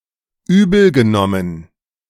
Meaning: past participle of übelnehmen
- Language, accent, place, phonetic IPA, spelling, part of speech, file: German, Germany, Berlin, [ˈyːbl̩ɡəˌnɔmən], übelgenommen, verb, De-übelgenommen.ogg